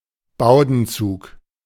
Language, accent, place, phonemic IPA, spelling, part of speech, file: German, Germany, Berlin, /ˈbaʊ̯dn̩ˌt͡suːk/, Bowdenzug, noun, De-Bowdenzug.ogg
- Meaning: Bowden cable